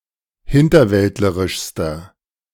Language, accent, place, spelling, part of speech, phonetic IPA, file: German, Germany, Berlin, hinterwäldlerischster, adjective, [ˈhɪntɐˌvɛltləʁɪʃstɐ], De-hinterwäldlerischster.ogg
- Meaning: inflection of hinterwäldlerisch: 1. strong/mixed nominative masculine singular superlative degree 2. strong genitive/dative feminine singular superlative degree